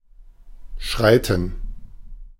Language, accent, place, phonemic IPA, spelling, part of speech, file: German, Germany, Berlin, /ˈʃʁaɪ̯.tn̩/, schreiten, verb, De-schreiten.ogg
- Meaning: to stride; to step, to proceed